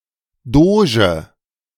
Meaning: doge
- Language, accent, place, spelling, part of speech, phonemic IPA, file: German, Germany, Berlin, Doge, noun, /ˈdoːʒə/, De-Doge.ogg